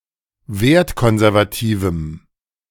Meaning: strong dative masculine/neuter singular of wertkonservativ
- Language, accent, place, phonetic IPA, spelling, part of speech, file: German, Germany, Berlin, [ˈveːɐ̯tˌkɔnzɛʁvaˌtiːvm̩], wertkonservativem, adjective, De-wertkonservativem.ogg